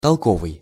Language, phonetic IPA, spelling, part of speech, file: Russian, [tɐɫˈkovɨj], толковый, adjective, Ru-толковый.ogg
- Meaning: 1. sensible, intelligent (of a person) 2. intelligible, clear 3. explanatory, explicative, interpretative